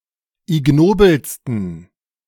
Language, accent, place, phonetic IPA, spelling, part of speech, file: German, Germany, Berlin, [ɪˈɡnoːbl̩stn̩], ignobelsten, adjective, De-ignobelsten.ogg
- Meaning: 1. superlative degree of ignobel 2. inflection of ignobel: strong genitive masculine/neuter singular superlative degree